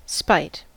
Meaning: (noun) Ill will or hatred toward another, accompanied with the desire to unjustifiably irritate, annoy, or thwart; a want to disturb or put out another; mild malice
- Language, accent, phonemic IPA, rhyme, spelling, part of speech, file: English, US, /spaɪt/, -aɪt, spite, noun / verb / preposition, En-us-spite.ogg